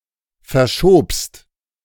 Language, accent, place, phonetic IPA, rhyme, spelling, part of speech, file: German, Germany, Berlin, [fɛɐ̯ˈʃoːpst], -oːpst, verschobst, verb, De-verschobst.ogg
- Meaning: second-person singular preterite of verschieben